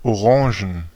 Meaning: plural of Orange (“orange”)
- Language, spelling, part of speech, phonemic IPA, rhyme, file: German, Orangen, noun, /oˈʁãːʒn/, -ãːʒn, De-Orangen.ogg